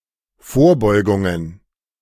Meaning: plural of Vorbeugung
- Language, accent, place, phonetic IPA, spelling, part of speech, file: German, Germany, Berlin, [ˈfoːɐ̯ˌbɔɪ̯ɡʊŋən], Vorbeugungen, noun, De-Vorbeugungen.ogg